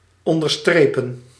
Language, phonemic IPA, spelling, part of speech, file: Dutch, /ˌɔn.dərˈstreː.pə(n)/, onderstrepen, verb, Nl-onderstrepen.ogg
- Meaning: to underline, underscore